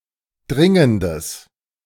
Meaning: strong/mixed nominative/accusative neuter singular of dringend
- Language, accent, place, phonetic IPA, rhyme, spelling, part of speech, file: German, Germany, Berlin, [ˈdʁɪŋəndəs], -ɪŋəndəs, dringendes, adjective, De-dringendes.ogg